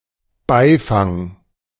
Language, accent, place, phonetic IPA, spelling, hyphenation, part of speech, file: German, Germany, Berlin, [ˈbaɪ̯faŋ], Beifang, Bei‧fang, noun, De-Beifang.ogg
- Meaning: bycatch